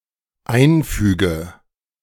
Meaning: inflection of einfügen: 1. first-person singular dependent present 2. first/third-person singular dependent subjunctive I
- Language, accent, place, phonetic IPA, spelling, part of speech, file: German, Germany, Berlin, [ˈaɪ̯nˌfyːɡə], einfüge, verb, De-einfüge.ogg